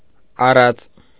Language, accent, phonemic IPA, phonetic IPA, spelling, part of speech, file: Armenian, Eastern Armenian, /ɑˈrɑt͡s/, [ɑrɑ́t͡s], առած, noun / verb, Hy-առած.ogg
- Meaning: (noun) proverb, saying; aphorism, adage; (verb) resultative participle of առնել (aṙnel)